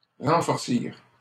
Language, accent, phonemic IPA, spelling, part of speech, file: French, Canada, /ʁɑ̃.fɔʁ.siʁ/, renforcir, verb, LL-Q150 (fra)-renforcir.wav
- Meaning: to reinforce, strengthen